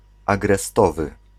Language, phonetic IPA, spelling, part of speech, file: Polish, [ˌaɡrɛˈstɔvɨ], agrestowy, adjective, Pl-agrestowy.ogg